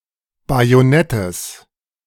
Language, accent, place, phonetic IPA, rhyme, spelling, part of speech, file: German, Germany, Berlin, [ˌbajoˈnɛtəs], -ɛtəs, Bajonettes, noun, De-Bajonettes.ogg
- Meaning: genitive singular of Bajonett